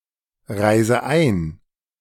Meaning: inflection of einreisen: 1. first-person singular present 2. first/third-person singular subjunctive I 3. singular imperative
- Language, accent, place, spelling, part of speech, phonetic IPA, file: German, Germany, Berlin, reise ein, verb, [ˌʁaɪ̯zə ˈaɪ̯n], De-reise ein.ogg